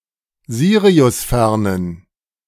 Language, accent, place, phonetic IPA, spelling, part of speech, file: German, Germany, Berlin, [ˈziːʁiʊsˌfɛʁnən], siriusfernen, adjective, De-siriusfernen.ogg
- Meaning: inflection of siriusfern: 1. strong genitive masculine/neuter singular 2. weak/mixed genitive/dative all-gender singular 3. strong/weak/mixed accusative masculine singular 4. strong dative plural